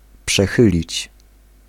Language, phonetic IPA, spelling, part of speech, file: Polish, [pʃɛˈxɨlʲit͡ɕ], przechylić, verb, Pl-przechylić.ogg